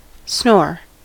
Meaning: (verb) To breathe during sleep with harsh, snorting noises caused by vibration of the soft palate; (noun) 1. The act of snoring, and the noise produced 2. An extremely boring person or event
- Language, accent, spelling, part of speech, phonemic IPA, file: English, US, snore, verb / noun, /snoɹ/, En-us-snore.ogg